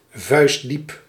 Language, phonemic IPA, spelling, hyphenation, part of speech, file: Dutch, /ˈvœy̯s.dip/, vuistdiep, vuist‧diep, adverb / adjective, Nl-vuistdiep.ogg
- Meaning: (adverb) 1. as deep as a fist 2. very deep